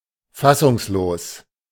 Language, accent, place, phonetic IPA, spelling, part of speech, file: German, Germany, Berlin, [ˈfasʊŋsˌloːs], fassungslos, adjective, De-fassungslos.ogg
- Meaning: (adjective) stunned; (adverb) in bewilderment